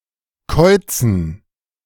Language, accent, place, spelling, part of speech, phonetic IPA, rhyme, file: German, Germany, Berlin, Käuzen, noun, [ˈkɔɪ̯t͡sn̩], -ɔɪ̯t͡sn̩, De-Käuzen.ogg
- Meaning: dative plural of Kauz